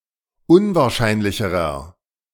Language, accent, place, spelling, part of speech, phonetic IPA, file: German, Germany, Berlin, unwahrscheinlicherer, adjective, [ˈʊnvaːɐ̯ˌʃaɪ̯nlɪçəʁɐ], De-unwahrscheinlicherer.ogg
- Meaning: inflection of unwahrscheinlich: 1. strong/mixed nominative masculine singular comparative degree 2. strong genitive/dative feminine singular comparative degree